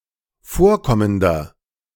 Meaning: inflection of vorkommend: 1. strong/mixed nominative masculine singular 2. strong genitive/dative feminine singular 3. strong genitive plural
- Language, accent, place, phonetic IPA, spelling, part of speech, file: German, Germany, Berlin, [ˈfoːɐ̯ˌkɔməndɐ], vorkommender, adjective, De-vorkommender.ogg